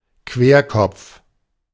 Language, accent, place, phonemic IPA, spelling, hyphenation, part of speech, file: German, Germany, Berlin, /ˈkveːɐ̯ˌkɔpf/, Querkopf, Quer‧kopf, noun, De-Querkopf.ogg
- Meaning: 1. contrarian, contradicter, one who habitually and stubbornly opposes others’ opinions 2. maverick (one who does not abide by rules)